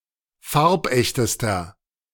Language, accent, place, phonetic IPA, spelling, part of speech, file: German, Germany, Berlin, [ˈfaʁpˌʔɛçtəstɐ], farbechtester, adjective, De-farbechtester.ogg
- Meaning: inflection of farbecht: 1. strong/mixed nominative masculine singular superlative degree 2. strong genitive/dative feminine singular superlative degree 3. strong genitive plural superlative degree